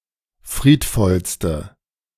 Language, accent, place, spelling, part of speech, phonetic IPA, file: German, Germany, Berlin, friedvollste, adjective, [ˈfʁiːtˌfɔlstə], De-friedvollste.ogg
- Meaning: inflection of friedvoll: 1. strong/mixed nominative/accusative feminine singular superlative degree 2. strong nominative/accusative plural superlative degree